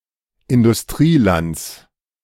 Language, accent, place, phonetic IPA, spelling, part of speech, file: German, Germany, Berlin, [ɪndʊsˈtʁiːˌlant͡s], Industrielands, noun, De-Industrielands.ogg
- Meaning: genitive singular of Industrieland